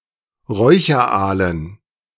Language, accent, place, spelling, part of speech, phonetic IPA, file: German, Germany, Berlin, Räucheraalen, noun, [ˈʁɔɪ̯çɐˌʔaːlən], De-Räucheraalen.ogg
- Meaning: dative plural of Räucheraal